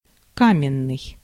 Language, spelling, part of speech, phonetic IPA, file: Russian, каменный, adjective, [ˈkamʲɪn(ː)ɨj], Ru-каменный.ogg
- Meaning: 1. stone 2. lifeless, stone-cold 3. hard, immovable, stony